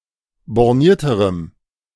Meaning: strong dative masculine/neuter singular comparative degree of borniert
- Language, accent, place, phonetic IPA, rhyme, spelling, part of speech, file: German, Germany, Berlin, [bɔʁˈniːɐ̯təʁəm], -iːɐ̯təʁəm, bornierterem, adjective, De-bornierterem.ogg